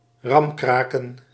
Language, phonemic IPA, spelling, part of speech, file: Dutch, /ˈrɑmkrakən/, ramkraken, verb / noun, Nl-ramkraken.ogg
- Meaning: plural of ramkraak